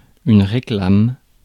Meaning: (noun) 1. a small, commercial advertisement, originally in the printed press 2. all similar advertising 3. reclaim (a falconry call and sign for the bird of prey to return to the falconer)
- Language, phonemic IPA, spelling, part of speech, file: French, /ʁe.klam/, réclame, noun / verb, Fr-réclame.ogg